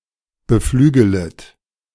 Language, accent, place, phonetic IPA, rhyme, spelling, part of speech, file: German, Germany, Berlin, [bəˈflyːɡələt], -yːɡələt, beflügelet, verb, De-beflügelet.ogg
- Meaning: second-person plural subjunctive I of beflügeln